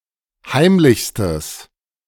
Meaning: strong/mixed nominative/accusative neuter singular superlative degree of heimlich
- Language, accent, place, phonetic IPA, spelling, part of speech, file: German, Germany, Berlin, [ˈhaɪ̯mlɪçstəs], heimlichstes, adjective, De-heimlichstes.ogg